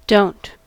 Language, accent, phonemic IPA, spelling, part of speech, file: English, General American, /doʊnt/, don't, verb / interjection / noun, En-us-don't.ogg
- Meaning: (verb) 1. Do not (negative auxiliary) 2. Does not 3. Used before an emphatic negative subject; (interjection) Stop!; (noun) Chiefly in dos and don'ts: something that must or should not be done